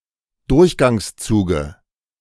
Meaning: dative singular of Durchgangszug
- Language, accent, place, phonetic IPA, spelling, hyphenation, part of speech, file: German, Germany, Berlin, [ˈdʊʁçɡaŋsˌt͡suːɡə], Durchgangszuge, Durch‧gangs‧zu‧ge, noun, De-Durchgangszuge.ogg